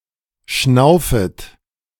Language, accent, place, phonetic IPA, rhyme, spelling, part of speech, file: German, Germany, Berlin, [ˈʃnaʊ̯fət], -aʊ̯fət, schnaufet, verb, De-schnaufet.ogg
- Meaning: second-person plural subjunctive I of schnaufen